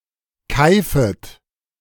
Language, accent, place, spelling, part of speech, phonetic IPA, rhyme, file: German, Germany, Berlin, keifet, verb, [ˈkaɪ̯fət], -aɪ̯fət, De-keifet.ogg
- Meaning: second-person plural subjunctive I of keifen